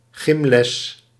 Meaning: physical education
- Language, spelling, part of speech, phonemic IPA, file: Dutch, gymles, noun, /ˈɣɪmlɛs/, Nl-gymles.ogg